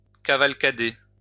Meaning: 1. to ride with a group 2. to run in all directions
- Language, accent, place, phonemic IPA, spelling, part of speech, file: French, France, Lyon, /ka.val.ka.de/, cavalcader, verb, LL-Q150 (fra)-cavalcader.wav